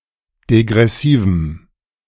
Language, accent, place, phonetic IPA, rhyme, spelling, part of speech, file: German, Germany, Berlin, [deɡʁɛˈsiːvm̩], -iːvm̩, degressivem, adjective, De-degressivem.ogg
- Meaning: strong dative masculine/neuter singular of degressiv